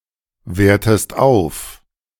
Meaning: inflection of aufwerten: 1. second-person singular present 2. second-person singular subjunctive I
- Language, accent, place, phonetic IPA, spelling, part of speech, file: German, Germany, Berlin, [ˌveːɐ̯təst ˈaʊ̯f], wertest auf, verb, De-wertest auf.ogg